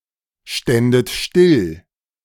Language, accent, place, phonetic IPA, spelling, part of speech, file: German, Germany, Berlin, [ˌʃtɛndət ˈʃtɪl], ständet still, verb, De-ständet still.ogg
- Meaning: second-person plural subjunctive II of stillstehen